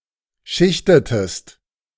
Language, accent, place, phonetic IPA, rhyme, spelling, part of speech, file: German, Germany, Berlin, [ˈʃɪçtətəst], -ɪçtətəst, schichtetest, verb, De-schichtetest.ogg
- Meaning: inflection of schichten: 1. second-person singular preterite 2. second-person singular subjunctive II